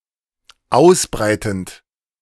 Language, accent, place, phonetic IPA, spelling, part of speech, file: German, Germany, Berlin, [ˈaʊ̯sˌbʁaɪ̯tn̩t], ausbreitend, verb, De-ausbreitend.ogg
- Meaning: present participle of ausbreiten